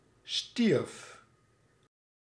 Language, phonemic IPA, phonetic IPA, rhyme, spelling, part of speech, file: Dutch, /stirf/, [stirf], -irf, stierf, verb, Nl-stierf.ogg
- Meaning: singular past indicative of sterven